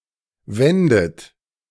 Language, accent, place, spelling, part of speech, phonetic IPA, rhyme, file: German, Germany, Berlin, wändet, verb, [ˈvɛndət], -ɛndət, De-wändet.ogg
- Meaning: second-person plural subjunctive II of winden